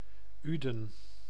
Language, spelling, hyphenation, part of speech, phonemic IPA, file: Dutch, Uden, Uden, proper noun, /ˈy.də(n)/, Nl-Uden.ogg
- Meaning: 1. a town and former municipality of Maashorst, North Brabant, Netherlands 2. a surname